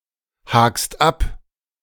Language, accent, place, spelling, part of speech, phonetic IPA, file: German, Germany, Berlin, hakst ab, verb, [ˌhaːkst ˈap], De-hakst ab.ogg
- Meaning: second-person singular present of abhaken